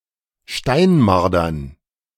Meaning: dative plural of Steinmarder
- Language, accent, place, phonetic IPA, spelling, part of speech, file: German, Germany, Berlin, [ˈʃtaɪ̯nˌmaʁdɐn], Steinmardern, noun, De-Steinmardern.ogg